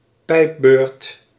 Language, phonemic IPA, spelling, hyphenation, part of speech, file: Dutch, /ˈpɛi̯p.bøːrt/, pijpbeurt, pijp‧beurt, noun, Nl-pijpbeurt.ogg
- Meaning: blowjob